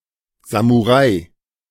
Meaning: samurai
- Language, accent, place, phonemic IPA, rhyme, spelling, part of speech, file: German, Germany, Berlin, /zamuˈʁaɪ̯/, -aɪ̯, Samurai, noun, De-Samurai.ogg